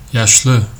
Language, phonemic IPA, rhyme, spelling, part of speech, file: Turkish, /jaʃˈɫɯ/, -ɯ, yaşlı, adjective, Tr tr yaşlı.ogg
- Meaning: old (for people, animals etc.)